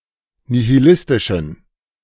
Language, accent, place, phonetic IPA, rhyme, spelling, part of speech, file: German, Germany, Berlin, [nihiˈlɪstɪʃn̩], -ɪstɪʃn̩, nihilistischen, adjective, De-nihilistischen.ogg
- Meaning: inflection of nihilistisch: 1. strong genitive masculine/neuter singular 2. weak/mixed genitive/dative all-gender singular 3. strong/weak/mixed accusative masculine singular 4. strong dative plural